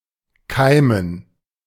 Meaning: 1. to sprout, germinate 2. to stir (e.g. hope) 3. to form (e.g. thought, decision) 4. to awaken (e.g. love, yearning)
- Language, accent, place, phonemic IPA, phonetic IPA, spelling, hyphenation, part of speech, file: German, Germany, Berlin, /ˈkaɪ̯mən/, [ˈkʰaɪ̯mn̩], keimen, kei‧men, verb, De-keimen.ogg